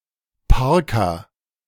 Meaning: a parka
- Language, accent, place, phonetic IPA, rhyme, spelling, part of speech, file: German, Germany, Berlin, [ˈpaʁka], -aʁka, Parka, noun, De-Parka.ogg